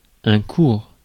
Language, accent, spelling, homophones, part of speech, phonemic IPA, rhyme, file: French, France, cours, cour / coure / courent / coures / courre / court / courts, noun / verb, /kuʁ/, -uʁ, Fr-cours.ogg
- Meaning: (noun) 1. stream of water, river 2. course (of events) 3. teaching, lesson, lecture, class 4. avenue (wide, usually tree-lined street) 5. plural of cour